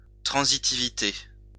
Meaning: transitivity
- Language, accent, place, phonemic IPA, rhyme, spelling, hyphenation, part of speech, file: French, France, Lyon, /tʁɑ̃.zi.ti.vi.te/, -e, transitivité, tran‧si‧ti‧vi‧té, noun, LL-Q150 (fra)-transitivité.wav